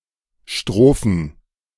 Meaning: plural of Strophe
- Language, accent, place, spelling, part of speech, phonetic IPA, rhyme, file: German, Germany, Berlin, Strophen, noun, [ˈʃtʁoːfn̩], -oːfn̩, De-Strophen.ogg